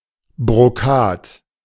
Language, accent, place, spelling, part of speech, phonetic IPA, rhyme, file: German, Germany, Berlin, Brokat, noun, [bʁoˈkaːt], -aːt, De-Brokat.ogg
- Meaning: brocade